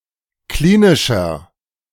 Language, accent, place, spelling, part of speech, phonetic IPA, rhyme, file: German, Germany, Berlin, klinischer, adjective, [ˈkliːnɪʃɐ], -iːnɪʃɐ, De-klinischer.ogg
- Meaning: 1. comparative degree of klinisch 2. inflection of klinisch: strong/mixed nominative masculine singular 3. inflection of klinisch: strong genitive/dative feminine singular